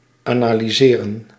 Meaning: to analyse, subject to analysis
- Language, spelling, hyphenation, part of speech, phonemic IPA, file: Dutch, analyseren, ana‧ly‧se‧ren, verb, /aːnaːliˈzeːrə(n)/, Nl-analyseren.ogg